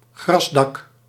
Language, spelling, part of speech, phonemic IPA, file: Dutch, grasdak, noun, /ˈɣrɑsdɑk/, Nl-grasdak.ogg
- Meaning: roof with grass growing on it